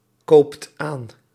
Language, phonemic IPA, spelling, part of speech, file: Dutch, /ˈkopt ˈan/, koopt aan, verb, Nl-koopt aan.ogg
- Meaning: inflection of aankopen: 1. second/third-person singular present indicative 2. plural imperative